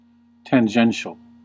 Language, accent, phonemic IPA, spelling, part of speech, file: English, US, /tænˈd͡ʒɛn.t͡ʃəl/, tangential, adjective, En-us-tangential.ogg
- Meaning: 1. Referring to a tangent, moving at a tangent to something 2. Merely touching, positioned as a tangent 3. Only indirectly related